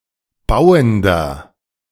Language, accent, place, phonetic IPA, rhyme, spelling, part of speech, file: German, Germany, Berlin, [ˈbaʊ̯əndɐ], -aʊ̯əndɐ, bauender, adjective, De-bauender.ogg
- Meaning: inflection of bauend: 1. strong/mixed nominative masculine singular 2. strong genitive/dative feminine singular 3. strong genitive plural